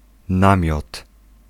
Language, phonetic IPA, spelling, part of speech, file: Polish, [ˈnãmʲjɔt], namiot, noun, Pl-namiot.ogg